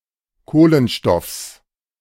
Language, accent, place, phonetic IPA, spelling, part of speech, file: German, Germany, Berlin, [ˈkoːlənˌʃtɔfs], Kohlenstoffs, noun, De-Kohlenstoffs.ogg
- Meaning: genitive singular of Kohlenstoff